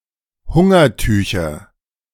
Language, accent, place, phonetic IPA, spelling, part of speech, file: German, Germany, Berlin, [ˈhʊŋɐˌtyːçɐ], Hungertücher, noun, De-Hungertücher.ogg
- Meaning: nominative/accusative/genitive plural of Hungertuch